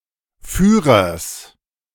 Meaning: genitive singular of Führer
- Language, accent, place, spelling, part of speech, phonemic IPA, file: German, Germany, Berlin, Führers, noun, /ˈfyːʁɐs/, De-Führers.ogg